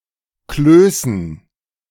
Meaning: dative plural of Kloß
- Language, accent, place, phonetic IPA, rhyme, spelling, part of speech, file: German, Germany, Berlin, [ˈkløːsn̩], -øːsn̩, Klößen, noun, De-Klößen.ogg